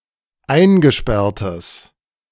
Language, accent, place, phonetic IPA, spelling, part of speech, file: German, Germany, Berlin, [ˈaɪ̯nɡəˌʃpɛʁtəs], eingesperrtes, adjective, De-eingesperrtes.ogg
- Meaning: strong/mixed nominative/accusative neuter singular of eingesperrt